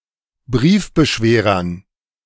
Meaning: dative plural of Briefbeschwerer
- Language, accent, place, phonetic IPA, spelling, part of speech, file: German, Germany, Berlin, [ˈbʁiːfbəˌʃveːʁɐn], Briefbeschwerern, noun, De-Briefbeschwerern.ogg